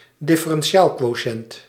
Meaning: derivative, limit of a difference quotient
- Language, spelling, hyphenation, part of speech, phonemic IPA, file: Dutch, differentiaalquotiënt, differentiaalquotiënt, noun, /dɪ.fə.rɛnˈ(t)ʃaːl.kʋoːˌʃɛnt/, Nl-differentiaalquotiënt.ogg